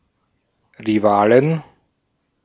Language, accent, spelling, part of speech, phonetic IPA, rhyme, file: German, Austria, Rivalen, noun, [ʁiˈvaːlən], -aːlən, De-at-Rivalen.ogg
- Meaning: 1. genitive singular of Rivale 2. plural of Rivale